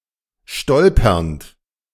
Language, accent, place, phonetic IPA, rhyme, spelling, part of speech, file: German, Germany, Berlin, [ˈʃtɔlpɐnt], -ɔlpɐnt, stolpernd, verb, De-stolpernd.ogg
- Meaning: present participle of stolpern